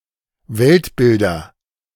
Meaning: nominative/accusative/genitive plural of Weltbild
- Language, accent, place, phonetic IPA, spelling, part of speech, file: German, Germany, Berlin, [ˈvɛltˌbɪldɐ], Weltbilder, noun, De-Weltbilder.ogg